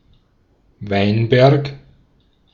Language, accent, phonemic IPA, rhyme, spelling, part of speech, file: German, Austria, /ˈvaɪ̯nˌbɛʁk/, -ɛʁk, Weinberg, noun / proper noun, De-at-Weinberg.ogg
- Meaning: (noun) vineyard; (proper noun) 1. Any of a large number of places in Germany, Austria, Switzerland and other European countries 2. a surname